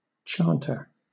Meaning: 1. One who chants or sings 2. A priest who sings in a chantry 3. The pipe of a bagpipe on which the melody is played 4. The hedge sparrow
- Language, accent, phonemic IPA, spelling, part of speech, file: English, Southern England, /ˈtʃɑːntə/, chanter, noun, LL-Q1860 (eng)-chanter.wav